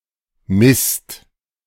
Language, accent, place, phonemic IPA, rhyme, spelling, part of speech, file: German, Germany, Berlin, /ˈmɪst/, -ɪst, Mist, noun / interjection, De-Mist.ogg
- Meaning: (noun) 1. manure (domestic animals’ excrement mixed with hay) 2. crap, bullshit 3. rubbish, garbage, waste; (interjection) crap! darn! (expresses mild annoyance)